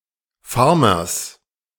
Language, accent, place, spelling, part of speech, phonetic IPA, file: German, Germany, Berlin, Farmers, noun, [ˈfaʁmɐs], De-Farmers.ogg
- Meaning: genitive singular of Farmer